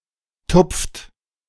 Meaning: inflection of tupfen: 1. second-person plural present 2. third-person singular present 3. plural imperative
- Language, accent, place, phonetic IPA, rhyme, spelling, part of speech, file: German, Germany, Berlin, [tʊp͡ft], -ʊp͡ft, tupft, verb, De-tupft.ogg